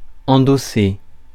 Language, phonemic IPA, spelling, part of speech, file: French, /ɑ̃.do.se/, endosser, verb, Fr-endosser.ogg
- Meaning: 1. to carry on one's back 2. to assume responsibility, to shoulder 3. to endorse 4. to take on (e.g. a role) 5. to put on, to don